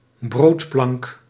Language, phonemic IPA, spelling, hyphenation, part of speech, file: Dutch, /ˈbroːt.plɑŋk/, broodplank, brood‧plank, noun, Nl-broodplank.ogg
- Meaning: breadboard; a cutting board, especially used for cutting or carrying bread